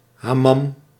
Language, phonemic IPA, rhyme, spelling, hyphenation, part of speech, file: Dutch, /ɦaːˈmɑm/, -ɑm, hamam, ha‧mam, noun, Nl-hamam.ogg
- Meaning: Turkish bath, hammam